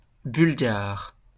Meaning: Bulgarian (native of Bulgaria, of either gender)
- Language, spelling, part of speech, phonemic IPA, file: French, Bulgare, noun, /byl.ɡaʁ/, LL-Q150 (fra)-Bulgare.wav